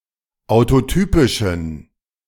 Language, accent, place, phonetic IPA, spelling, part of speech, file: German, Germany, Berlin, [aʊ̯toˈtyːpɪʃn̩], autotypischen, adjective, De-autotypischen.ogg
- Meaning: inflection of autotypisch: 1. strong genitive masculine/neuter singular 2. weak/mixed genitive/dative all-gender singular 3. strong/weak/mixed accusative masculine singular 4. strong dative plural